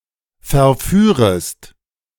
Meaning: second-person singular subjunctive I of verführen
- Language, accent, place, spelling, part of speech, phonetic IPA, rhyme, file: German, Germany, Berlin, verführest, verb, [fɛɐ̯ˈfyːʁəst], -yːʁəst, De-verführest.ogg